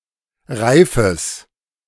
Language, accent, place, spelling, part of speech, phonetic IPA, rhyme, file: German, Germany, Berlin, Reifes, noun, [ˈʁaɪ̯fəs], -aɪ̯fəs, De-Reifes.ogg
- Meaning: genitive singular of Reif